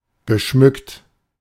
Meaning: past participle of schmücken
- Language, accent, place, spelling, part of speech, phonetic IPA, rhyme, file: German, Germany, Berlin, geschmückt, adjective / verb, [ɡəˈʃmʏkt], -ʏkt, De-geschmückt.ogg